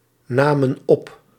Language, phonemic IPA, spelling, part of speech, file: Dutch, /ˈnamə(n) ˈɔp/, namen op, verb, Nl-namen op.ogg
- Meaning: inflection of opnemen: 1. plural past indicative 2. plural past subjunctive